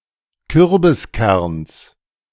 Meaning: genitive singular of Kürbiskern
- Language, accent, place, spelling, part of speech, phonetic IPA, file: German, Germany, Berlin, Kürbiskerns, noun, [ˈkʏʁbɪsˌkɛʁns], De-Kürbiskerns.ogg